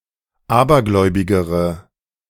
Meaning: inflection of abergläubig: 1. strong/mixed nominative/accusative feminine singular comparative degree 2. strong nominative/accusative plural comparative degree
- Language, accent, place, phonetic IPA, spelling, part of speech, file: German, Germany, Berlin, [ˈaːbɐˌɡlɔɪ̯bɪɡəʁə], abergläubigere, adjective, De-abergläubigere.ogg